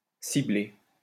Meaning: to target
- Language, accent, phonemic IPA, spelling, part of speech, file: French, France, /si.ble/, cibler, verb, LL-Q150 (fra)-cibler.wav